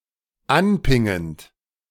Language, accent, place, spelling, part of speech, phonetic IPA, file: German, Germany, Berlin, anpingend, verb, [ˈanˌpɪŋənt], De-anpingend.ogg
- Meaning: present participle of anpingen